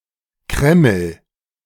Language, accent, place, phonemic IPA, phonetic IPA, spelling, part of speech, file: German, Germany, Berlin, /ˈkrɛməl/, [ˈkʁɛ.ml̩], Kreml, proper noun / noun, De-Kreml.ogg
- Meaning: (proper noun) Kremlin (Russian government; its seat in Moscow); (noun) kremlin (kind of fortified area in various Russian cities)